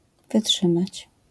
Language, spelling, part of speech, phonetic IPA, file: Polish, wytrzymać, verb, [vɨˈṭʃɨ̃mat͡ɕ], LL-Q809 (pol)-wytrzymać.wav